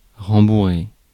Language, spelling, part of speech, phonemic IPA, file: French, rembourrer, verb, /ʁɑ̃.bu.ʁe/, Fr-rembourrer.ogg
- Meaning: 1. to pad, stuff 2. to upholster